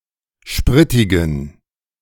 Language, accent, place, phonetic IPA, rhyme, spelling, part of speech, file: German, Germany, Berlin, [ˈʃpʁɪtɪɡn̩], -ɪtɪɡn̩, spritigen, adjective, De-spritigen.ogg
- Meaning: inflection of spritig: 1. strong genitive masculine/neuter singular 2. weak/mixed genitive/dative all-gender singular 3. strong/weak/mixed accusative masculine singular 4. strong dative plural